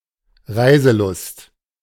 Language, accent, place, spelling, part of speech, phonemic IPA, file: German, Germany, Berlin, Reiselust, noun, /ˈʁaɪ̯zəˌlʊst/, De-Reiselust.ogg
- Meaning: wanderlust